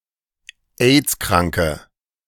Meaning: inflection of aidskrank: 1. strong/mixed nominative/accusative feminine singular 2. strong nominative/accusative plural 3. weak nominative all-gender singular
- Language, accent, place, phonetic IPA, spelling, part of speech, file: German, Germany, Berlin, [ˈeːt͡skʁaŋkə], aidskranke, adjective, De-aidskranke.ogg